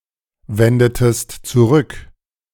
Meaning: inflection of zurückwenden: 1. second-person singular preterite 2. second-person singular subjunctive II
- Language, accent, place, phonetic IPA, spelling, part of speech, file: German, Germany, Berlin, [ˌvɛndətəst t͡suˈʁʏk], wendetest zurück, verb, De-wendetest zurück.ogg